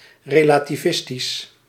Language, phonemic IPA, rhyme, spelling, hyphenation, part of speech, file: Dutch, /ˌreː.laː.tiˈvɪs.tis/, -ɪstis, relativistisch, re‧la‧ti‧vis‧tisch, adjective, Nl-relativistisch.ogg
- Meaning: relativistic (pertaining to the theory of relativity or relativistic motion)